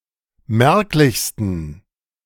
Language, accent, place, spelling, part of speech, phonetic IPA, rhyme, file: German, Germany, Berlin, merklichsten, adjective, [ˈmɛʁklɪçstn̩], -ɛʁklɪçstn̩, De-merklichsten.ogg
- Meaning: 1. superlative degree of merklich 2. inflection of merklich: strong genitive masculine/neuter singular superlative degree